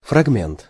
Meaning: 1. fragment 2. excerpt, snippet, clip, passage, section
- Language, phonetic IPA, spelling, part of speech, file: Russian, [frɐɡˈmʲent], фрагмент, noun, Ru-фрагмент.ogg